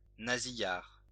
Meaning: nasal (accent)
- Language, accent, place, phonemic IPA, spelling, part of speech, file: French, France, Lyon, /na.zi.jaʁ/, nasillard, adjective, LL-Q150 (fra)-nasillard.wav